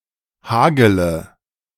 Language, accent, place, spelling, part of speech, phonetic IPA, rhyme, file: German, Germany, Berlin, hagele, verb, [ˈhaːɡələ], -aːɡələ, De-hagele.ogg
- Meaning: third-person singular subjunctive I of hageln